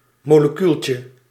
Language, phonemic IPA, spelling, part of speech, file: Dutch, /ˌmoləˈkylcə/, molecuultje, noun, Nl-molecuultje.ogg
- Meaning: diminutive of molecuul